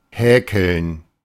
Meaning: 1. to crochet 2. to tease, to chaff, to banter
- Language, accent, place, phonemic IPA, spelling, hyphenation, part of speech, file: German, Germany, Berlin, /ˈhɛːkəln/, häkeln, hä‧keln, verb, De-häkeln.ogg